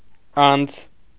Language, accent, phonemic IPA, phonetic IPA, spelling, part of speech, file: Armenian, Eastern Armenian, /ɑnt͡sʰ/, [ɑnt͡sʰ], անց, postposition / noun, Hy-անց.ogg
- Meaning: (postposition) after; past; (noun) passage, pass, passageway